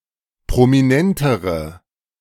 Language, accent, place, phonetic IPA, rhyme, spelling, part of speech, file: German, Germany, Berlin, [pʁomiˈnɛntəʁə], -ɛntəʁə, prominentere, adjective, De-prominentere.ogg
- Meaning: inflection of prominent: 1. strong/mixed nominative/accusative feminine singular comparative degree 2. strong nominative/accusative plural comparative degree